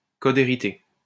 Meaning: legacy code (source code that relates to a no-longer supported or manufactured operating system)
- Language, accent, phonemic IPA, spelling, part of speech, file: French, France, /kɔ.d‿e.ʁi.te/, code hérité, noun, LL-Q150 (fra)-code hérité.wav